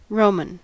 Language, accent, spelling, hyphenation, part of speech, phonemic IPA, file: English, US, Roman, Ro‧man, adjective / noun / proper noun, /ˈɹoʊ.mən/, En-us-Roman.ogg
- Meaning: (adjective) 1. Of or from Rome 2. Of or from the Roman Empire 3. Of or from the Byzantine Empire 4. Of noble countenance but with little facial expression